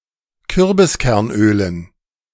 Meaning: dative plural of Kürbiskernöl
- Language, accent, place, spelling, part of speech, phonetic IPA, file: German, Germany, Berlin, Kürbiskernölen, noun, [ˈkʏʁbɪskɛʁnˌʔøːlən], De-Kürbiskernölen.ogg